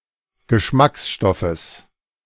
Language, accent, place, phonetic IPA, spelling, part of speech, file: German, Germany, Berlin, [ɡəˈʃmaksˌʃtɔfəs], Geschmacksstoffes, noun, De-Geschmacksstoffes.ogg
- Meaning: genitive singular of Geschmacksstoff